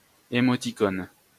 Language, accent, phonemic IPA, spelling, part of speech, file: French, France, /e.mɔ.ti.kon/, émoticône, noun, LL-Q150 (fra)-émoticône.wav
- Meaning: emoticon (representation of an emotion of the writer)